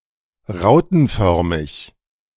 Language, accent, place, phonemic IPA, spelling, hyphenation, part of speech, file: German, Germany, Berlin, /ˈʁaʊ̯tn̩ˌfœʁmɪç/, rautenförmig, rau‧ten‧för‧mig, adjective, De-rautenförmig.ogg
- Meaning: rhomboid, lozengelike